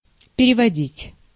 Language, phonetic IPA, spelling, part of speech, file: Russian, [pʲɪrʲɪvɐˈdʲitʲ], переводить, verb, Ru-переводить.ogg
- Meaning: 1. to lead, to convey, to transfer, to move, to shift, to transmit, to switch 2. to translate, to interpret 3. to remit (money)